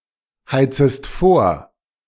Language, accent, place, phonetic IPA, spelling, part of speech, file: German, Germany, Berlin, [ˌhaɪ̯t͡səst ˈfoːɐ̯], heizest vor, verb, De-heizest vor.ogg
- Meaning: second-person singular subjunctive I of vorheizen